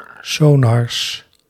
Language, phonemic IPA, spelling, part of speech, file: Dutch, /ˈsonɑrs/, sonars, noun, Nl-sonars.ogg
- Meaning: plural of sonar